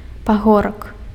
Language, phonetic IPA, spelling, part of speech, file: Belarusian, [paˈɣorak], пагорак, noun, Be-пагорак.ogg
- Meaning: hill